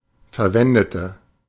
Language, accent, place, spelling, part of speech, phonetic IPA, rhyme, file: German, Germany, Berlin, verwendete, adjective / verb, [fɛɐ̯ˈvɛndətə], -ɛndətə, De-verwendete.ogg
- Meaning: inflection of verwenden: 1. first/third-person singular preterite 2. first/third-person singular subjunctive II